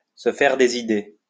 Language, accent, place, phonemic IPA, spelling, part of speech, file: French, France, Lyon, /sə fɛʁ de.z‿i.de/, se faire des idées, verb, LL-Q150 (fra)-se faire des idées.wav
- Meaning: to imagine things, to have another think coming, to be deluded